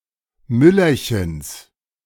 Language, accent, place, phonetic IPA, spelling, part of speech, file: German, Germany, Berlin, [ˈmʏlɐçɛns], Müllerchens, noun, De-Müllerchens.ogg
- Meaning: genitive singular of Müllerchen